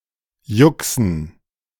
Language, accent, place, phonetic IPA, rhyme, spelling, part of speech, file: German, Germany, Berlin, [ˈjʊksn̩], -ʊksn̩, Juxen, noun, De-Juxen.ogg
- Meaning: dative plural of Jux